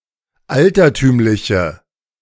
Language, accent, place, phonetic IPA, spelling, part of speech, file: German, Germany, Berlin, [ˈaltɐˌtyːmlɪçə], altertümliche, adjective, De-altertümliche.ogg
- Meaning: inflection of altertümlich: 1. strong/mixed nominative/accusative feminine singular 2. strong nominative/accusative plural 3. weak nominative all-gender singular